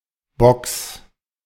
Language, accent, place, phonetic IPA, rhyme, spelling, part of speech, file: German, Germany, Berlin, [bɔks], -ɔks, Bocks, noun, De-Bocks.ogg
- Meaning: genitive singular of Bock